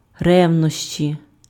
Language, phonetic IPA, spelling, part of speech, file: Ukrainian, [ˈrɛu̯nɔʃt͡ʃʲi], ревнощі, noun, Uk-ревнощі.ogg
- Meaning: jealousy